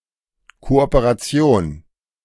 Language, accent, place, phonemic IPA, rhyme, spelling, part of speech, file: German, Germany, Berlin, /ˌkoːʔoːpeʁaˈt͡si̯oːn/, -oːn, Kooperation, noun, De-Kooperation.ogg
- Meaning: cooperation